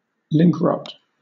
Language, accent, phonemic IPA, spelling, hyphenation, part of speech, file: English, Southern England, /ˈlɪŋkˌɹɒt/, linkrot, link‧rot, noun, LL-Q1860 (eng)-linkrot.wav
- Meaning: The steady increase in the number of broken hyperlinks as webpages are moved or removed